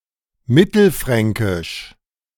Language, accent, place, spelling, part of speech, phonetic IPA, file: German, Germany, Berlin, mittelfränkisch, adjective, [ˈmɪtl̩ˌfʁɛŋkɪʃ], De-mittelfränkisch.ogg
- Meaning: Central Franconian